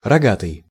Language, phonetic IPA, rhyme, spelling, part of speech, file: Russian, [rɐˈɡatɨj], -atɨj, рогатый, adjective / noun, Ru-рогатый.ogg
- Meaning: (adjective) 1. horned 2. cuckolded; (noun) devil